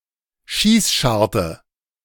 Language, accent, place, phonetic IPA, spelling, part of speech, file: German, Germany, Berlin, [ˈʃiːsˌʃaʁtə], Schießscharte, noun, De-Schießscharte.ogg
- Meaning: arrow slit, embrasure, loophole